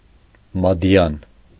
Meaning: mare
- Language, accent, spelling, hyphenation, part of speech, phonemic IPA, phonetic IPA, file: Armenian, Eastern Armenian, մադիան, մա‧դի‧ան, noun, /mɑˈdjɑn/, [mɑdjɑ́n], Hy-մադիան.ogg